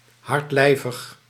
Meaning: constipated, suffering constipation
- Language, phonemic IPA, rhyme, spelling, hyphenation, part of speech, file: Dutch, /ˌɦɑrtˈlɛi̯.vəx/, -ɛi̯vəx, hardlijvig, hard‧lij‧vig, adjective, Nl-hardlijvig.ogg